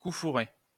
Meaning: 1. counter-thrust where one fencer parries his opponent's thrust and counter attacks in the same maneauver 2. dirty trick, cheap trick, low blow, rotten move, underhand trick
- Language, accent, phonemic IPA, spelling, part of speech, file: French, France, /ku fu.ʁe/, coup fourré, noun, LL-Q150 (fra)-coup fourré.wav